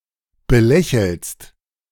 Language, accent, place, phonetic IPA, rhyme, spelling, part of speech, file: German, Germany, Berlin, [bəˈlɛçl̩st], -ɛçl̩st, belächelst, verb, De-belächelst.ogg
- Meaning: second-person singular present of belächeln